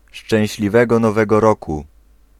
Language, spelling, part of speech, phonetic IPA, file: Polish, szczęśliwego Nowego Roku, interjection, [ˌʃt͡ʃɛ̃w̃ɕlʲiˈvɛɡɔ nɔˈvɛɡɔ ˈrɔku], Pl-szczęśliwego Nowego Roku.ogg